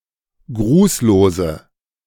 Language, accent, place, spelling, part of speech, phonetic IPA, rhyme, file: German, Germany, Berlin, grußlose, adjective, [ˈɡʁuːsloːzə], -uːsloːzə, De-grußlose.ogg
- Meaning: inflection of grußlos: 1. strong/mixed nominative/accusative feminine singular 2. strong nominative/accusative plural 3. weak nominative all-gender singular 4. weak accusative feminine/neuter singular